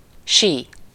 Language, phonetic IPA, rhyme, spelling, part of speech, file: Hungarian, [ˈʃiː], -ʃiː, sí, noun / verb, Hu-sí.ogg
- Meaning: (noun) ski; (verb) to howl, cry, whiz, shriek, screech, shrill